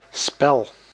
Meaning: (noun) 1. game 2. playing (e.g. of a musical instrument); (verb) inflection of spellen: 1. first-person singular present indicative 2. second-person singular present indicative 3. imperative
- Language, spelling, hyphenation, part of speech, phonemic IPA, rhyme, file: Dutch, spel, spel, noun / verb, /spɛl/, -ɛl, Nl-spel.ogg